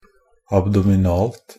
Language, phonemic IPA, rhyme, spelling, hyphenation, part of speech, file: Norwegian Bokmål, /abdɔmɪˈnɑːlt/, -ɑːlt, abdominalt, ab‧do‧min‧alt, adjective, NB - Pronunciation of Norwegian Bokmål «abdominalt».ogg
- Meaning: neuter singular of abdominal